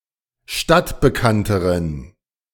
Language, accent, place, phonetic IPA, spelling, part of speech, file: German, Germany, Berlin, [ˈʃtatbəˌkantəʁən], stadtbekannteren, adjective, De-stadtbekannteren.ogg
- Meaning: inflection of stadtbekannt: 1. strong genitive masculine/neuter singular comparative degree 2. weak/mixed genitive/dative all-gender singular comparative degree